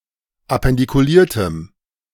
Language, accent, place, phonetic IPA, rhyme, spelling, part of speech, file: German, Germany, Berlin, [apɛndikuˈliːɐ̯təm], -iːɐ̯təm, appendikuliertem, adjective, De-appendikuliertem.ogg
- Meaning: strong dative masculine/neuter singular of appendikuliert